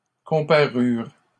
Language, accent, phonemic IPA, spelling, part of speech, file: French, Canada, /kɔ̃.pa.ʁyʁ/, comparurent, verb, LL-Q150 (fra)-comparurent.wav
- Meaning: third-person plural past historic of comparaître